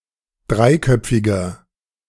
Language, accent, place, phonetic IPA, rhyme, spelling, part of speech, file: German, Germany, Berlin, [ˈdʁaɪ̯ˌkœp͡fɪɡɐ], -aɪ̯kœp͡fɪɡɐ, dreiköpfiger, adjective, De-dreiköpfiger.ogg
- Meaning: inflection of dreiköpfig: 1. strong/mixed nominative masculine singular 2. strong genitive/dative feminine singular 3. strong genitive plural